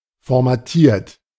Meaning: 1. past participle of formatieren 2. inflection of formatieren: third-person singular present 3. inflection of formatieren: second-person plural present 4. inflection of formatieren: plural imperative
- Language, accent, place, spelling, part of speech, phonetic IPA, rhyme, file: German, Germany, Berlin, formatiert, verb, [fɔʁmaˈtiːɐ̯t], -iːɐ̯t, De-formatiert.ogg